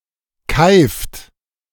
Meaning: inflection of keifen: 1. second-person plural present 2. third-person singular present 3. plural imperative
- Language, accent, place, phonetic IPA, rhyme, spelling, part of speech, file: German, Germany, Berlin, [kaɪ̯ft], -aɪ̯ft, keift, verb, De-keift.ogg